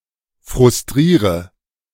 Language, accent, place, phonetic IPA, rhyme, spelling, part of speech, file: German, Germany, Berlin, [fʁʊsˈtʁiːʁə], -iːʁə, frustriere, verb, De-frustriere.ogg
- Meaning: inflection of frustrieren: 1. first-person singular present 2. first/third-person singular subjunctive I 3. singular imperative